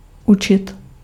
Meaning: 1. to teach 2. to learn
- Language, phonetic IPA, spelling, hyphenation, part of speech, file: Czech, [ˈut͡ʃɪt], učit, učit, verb, Cs-učit.ogg